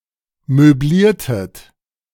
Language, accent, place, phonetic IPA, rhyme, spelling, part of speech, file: German, Germany, Berlin, [møˈbliːɐ̯tət], -iːɐ̯tət, möbliertet, verb, De-möbliertet.ogg
- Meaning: inflection of möblieren: 1. second-person plural preterite 2. second-person plural subjunctive II